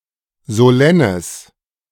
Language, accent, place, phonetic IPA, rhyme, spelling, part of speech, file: German, Germany, Berlin, [zoˈlɛnəs], -ɛnəs, solennes, adjective, De-solennes.ogg
- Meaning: strong/mixed nominative/accusative neuter singular of solenn